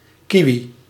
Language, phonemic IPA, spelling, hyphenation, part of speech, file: Dutch, /ˈki.ʋi/, kiwi, ki‧wi, noun, Nl-kiwi.ogg
- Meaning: 1. kiwi (bird of the genus Apteryx) 2. kiwifruit (Actinidia chinensis var. deliciosa, syn. Actinidia deliciosa) 3. kiwifruit, kiwi